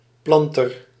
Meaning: 1. a planter, one who plants (usually plants or perhaps fungi) 2. a farmer, a tiller; in particular the owner or operator of a plantation, a planter 3. a founder of a colony, a settler, a coloniser
- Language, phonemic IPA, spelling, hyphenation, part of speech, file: Dutch, /ˈplɑn.tər/, planter, plan‧ter, noun, Nl-planter.ogg